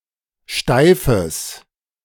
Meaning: strong/mixed nominative/accusative neuter singular of steif
- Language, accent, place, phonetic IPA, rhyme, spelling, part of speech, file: German, Germany, Berlin, [ˈʃtaɪ̯fəs], -aɪ̯fəs, steifes, adjective, De-steifes.ogg